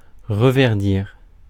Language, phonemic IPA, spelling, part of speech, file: French, /ʁə.vɛʁ.diʁ/, reverdir, verb, Fr-reverdir.ogg
- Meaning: to turn green again (of trees, plants, etc.)